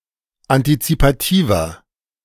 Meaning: 1. comparative degree of antizipativ 2. inflection of antizipativ: strong/mixed nominative masculine singular 3. inflection of antizipativ: strong genitive/dative feminine singular
- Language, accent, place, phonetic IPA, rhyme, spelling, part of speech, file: German, Germany, Berlin, [antit͡sipaˈtiːvɐ], -iːvɐ, antizipativer, adjective, De-antizipativer.ogg